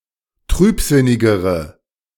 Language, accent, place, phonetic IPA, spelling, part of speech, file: German, Germany, Berlin, [ˈtʁyːpˌzɪnɪɡəʁə], trübsinnigere, adjective, De-trübsinnigere.ogg
- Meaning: inflection of trübsinnig: 1. strong/mixed nominative/accusative feminine singular comparative degree 2. strong nominative/accusative plural comparative degree